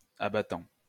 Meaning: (adjective) flat and articulated so it can move from a horizontal to a vertical position; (noun) 1. a lid or flap which can move from a horizontal to a vertical position 2. a toilet lid
- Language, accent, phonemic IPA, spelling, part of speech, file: French, France, /a.ba.tɑ̃/, abattant, adjective / noun / verb, LL-Q150 (fra)-abattant.wav